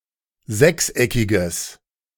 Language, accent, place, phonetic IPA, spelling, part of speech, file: German, Germany, Berlin, [ˈzɛksˌʔɛkɪɡəs], sechseckiges, adjective, De-sechseckiges.ogg
- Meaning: strong/mixed nominative/accusative neuter singular of sechseckig